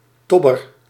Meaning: an unlucky person, someone who never seems to have any lucky things happen to them
- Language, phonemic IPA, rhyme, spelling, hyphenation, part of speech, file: Dutch, /ˈtɔ.bər/, -ɔbər, tobber, tob‧ber, noun, Nl-tobber.ogg